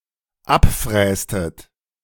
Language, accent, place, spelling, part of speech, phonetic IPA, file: German, Germany, Berlin, abfrästet, verb, [ˈapˌfʁɛːstət], De-abfrästet.ogg
- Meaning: inflection of abfräsen: 1. second-person plural dependent preterite 2. second-person plural dependent subjunctive II